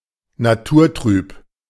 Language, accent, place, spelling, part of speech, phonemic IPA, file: German, Germany, Berlin, naturtrüb, adjective, /naˈtuːɐ̯ˌtʁyːp/, De-naturtrüb.ogg
- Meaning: cloudy (of a liquid)